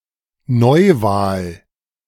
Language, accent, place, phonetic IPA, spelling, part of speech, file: German, Germany, Berlin, [ˈnɔɪ̯ˌvaːl], Neuwahl, noun, De-Neuwahl.ogg
- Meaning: new election, a revote